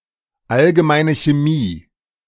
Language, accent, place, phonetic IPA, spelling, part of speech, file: German, Germany, Berlin, [alɡəˈmaɪ̯nə çeːˈmiː], allgemeine Chemie, phrase, De-allgemeine Chemie.ogg
- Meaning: general chemistry